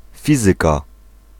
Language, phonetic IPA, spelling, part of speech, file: Polish, [ˈfʲizɨka], fizyka, noun, Pl-fizyka.ogg